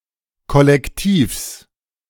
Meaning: genitive singular of Kollektiv
- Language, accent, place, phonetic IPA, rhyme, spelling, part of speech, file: German, Germany, Berlin, [kɔlɛkˈtiːfs], -iːfs, Kollektivs, noun, De-Kollektivs.ogg